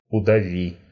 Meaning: second-person singular imperative perfective of удави́ть (udavítʹ)
- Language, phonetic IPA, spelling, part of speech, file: Russian, [ʊdɐˈvʲi], удави, verb, Ru-удави́.ogg